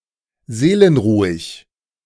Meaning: calm, placid
- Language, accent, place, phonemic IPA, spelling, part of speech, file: German, Germany, Berlin, /ˈzeːlənˌʁuːɪç/, seelenruhig, adjective, De-seelenruhig.ogg